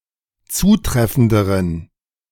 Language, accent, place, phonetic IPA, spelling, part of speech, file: German, Germany, Berlin, [ˈt͡suːˌtʁɛfn̩dəʁən], zutreffenderen, adjective, De-zutreffenderen.ogg
- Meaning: inflection of zutreffend: 1. strong genitive masculine/neuter singular comparative degree 2. weak/mixed genitive/dative all-gender singular comparative degree